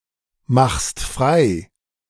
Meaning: second-person singular present of freimachen
- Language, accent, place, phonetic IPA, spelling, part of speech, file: German, Germany, Berlin, [ˌmaxst ˈfʁaɪ̯], machst frei, verb, De-machst frei.ogg